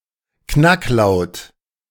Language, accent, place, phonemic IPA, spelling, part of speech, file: German, Germany, Berlin, /ˈknakˌlaʊ̯t/, Knacklaut, noun, De-Knacklaut.ogg
- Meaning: 1. glottal stop 2. glottal stop: a glottal stop found in null onsets (vowel-initial stems) in German and other languages